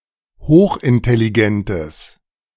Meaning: strong/mixed nominative/accusative neuter singular of hochintelligent
- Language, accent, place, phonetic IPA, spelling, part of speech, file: German, Germany, Berlin, [ˈhoːxʔɪntɛliˌɡɛntəs], hochintelligentes, adjective, De-hochintelligentes.ogg